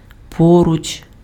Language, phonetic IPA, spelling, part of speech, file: Ukrainian, [ˈpɔrʊt͡ʃ], поруч, adverb / preposition, Uk-поруч.ogg
- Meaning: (adverb) 1. near, nearby, close by 2. alongside, side by side, abreast; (preposition) по́руч з кимсь ― póruč z kymsʹ ― alongside / beside / by / next to somebody or something